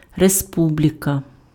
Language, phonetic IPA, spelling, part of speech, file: Ukrainian, [reˈspublʲikɐ], республіка, noun, Uk-республіка.ogg
- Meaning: republic